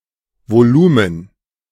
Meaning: volume
- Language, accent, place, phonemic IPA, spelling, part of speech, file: German, Germany, Berlin, /voˈluːmən/, Volumen, noun, De-Volumen.ogg